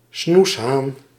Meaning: strange, unusual or weird person
- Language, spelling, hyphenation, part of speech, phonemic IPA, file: Dutch, snoeshaan, snoes‧haan, noun, /ˈsnus.ɦaːn/, Nl-snoeshaan.ogg